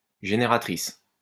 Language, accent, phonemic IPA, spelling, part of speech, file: French, France, /ʒe.ne.ʁa.tʁis/, génératrice, noun, LL-Q150 (fra)-génératrice.wav
- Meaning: 1. generator (electrical) 2. generatrix